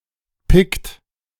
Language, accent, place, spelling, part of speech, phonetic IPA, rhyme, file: German, Germany, Berlin, pickt, verb, [pɪkt], -ɪkt, De-pickt.ogg
- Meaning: inflection of picken: 1. second-person plural present 2. third-person singular present 3. plural imperative